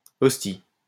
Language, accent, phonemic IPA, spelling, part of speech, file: French, France, /ɔs.ti/, hostie, noun, LL-Q150 (fra)-hostie.wav
- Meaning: 1. the host used in church 2. alternative form of ostie